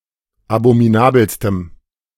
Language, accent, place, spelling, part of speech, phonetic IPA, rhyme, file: German, Germany, Berlin, abominabelstem, adjective, [abomiˈnaːbl̩stəm], -aːbl̩stəm, De-abominabelstem.ogg
- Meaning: strong dative masculine/neuter singular superlative degree of abominabel